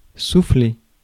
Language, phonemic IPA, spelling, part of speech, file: French, /su.fle/, souffler, verb, Fr-souffler.ogg
- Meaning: 1. to blow 2. to blow out 3. to whisper 4. to relax